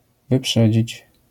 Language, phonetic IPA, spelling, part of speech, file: Polish, [vɨˈpʃɛd͡ʑit͡ɕ], wyprzedzić, verb, LL-Q809 (pol)-wyprzedzić.wav